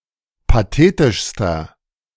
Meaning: inflection of pathetisch: 1. strong/mixed nominative masculine singular superlative degree 2. strong genitive/dative feminine singular superlative degree 3. strong genitive plural superlative degree
- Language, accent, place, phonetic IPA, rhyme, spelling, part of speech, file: German, Germany, Berlin, [paˈteːtɪʃstɐ], -eːtɪʃstɐ, pathetischster, adjective, De-pathetischster.ogg